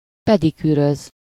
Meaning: to pedicure, give somebody a pedicure
- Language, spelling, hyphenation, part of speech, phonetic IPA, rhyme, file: Hungarian, pedikűröz, pe‧di‧kű‧röz, verb, [ˈpɛdikyːrøz], -øz, Hu-pedikűröz.ogg